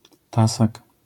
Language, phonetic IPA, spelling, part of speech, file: Polish, [ˈtasak], tasak, noun, LL-Q809 (pol)-tasak.wav